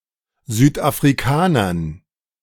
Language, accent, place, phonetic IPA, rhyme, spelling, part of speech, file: German, Germany, Berlin, [zyːtʔafʁiˈkaːnɐn], -aːnɐn, Südafrikanern, noun, De-Südafrikanern.ogg
- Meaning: dative plural of Südafrikaner